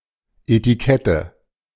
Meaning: 1. etiquette (manners or decent behaviour) 2. synonym of Etikett n (“label”) 3. nominative/accusative/genitive plural of Etikett
- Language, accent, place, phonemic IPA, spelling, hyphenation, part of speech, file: German, Germany, Berlin, /etiˈkɛtə/, Etikette, Eti‧ket‧te, noun, De-Etikette.ogg